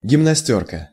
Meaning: blouse (U.S.), tunic (British)
- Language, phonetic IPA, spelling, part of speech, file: Russian, [ɡʲɪmnɐˈsʲtʲɵrkə], гимнастёрка, noun, Ru-гимнастёрка.ogg